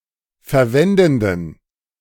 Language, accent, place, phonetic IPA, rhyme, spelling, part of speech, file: German, Germany, Berlin, [fɛɐ̯ˈvɛndn̩dən], -ɛndn̩dən, verwendenden, adjective, De-verwendenden.ogg
- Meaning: inflection of verwendend: 1. strong genitive masculine/neuter singular 2. weak/mixed genitive/dative all-gender singular 3. strong/weak/mixed accusative masculine singular 4. strong dative plural